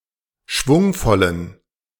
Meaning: inflection of schwungvoll: 1. strong genitive masculine/neuter singular 2. weak/mixed genitive/dative all-gender singular 3. strong/weak/mixed accusative masculine singular 4. strong dative plural
- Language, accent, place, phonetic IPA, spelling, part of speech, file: German, Germany, Berlin, [ˈʃvʊŋfɔlən], schwungvollen, adjective, De-schwungvollen.ogg